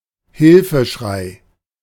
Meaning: cry for help
- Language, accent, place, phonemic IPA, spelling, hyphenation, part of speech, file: German, Germany, Berlin, /ˈhɪlfəˌʃʁaɪ̯/, Hilfeschrei, Hil‧fe‧schrei, noun, De-Hilfeschrei.ogg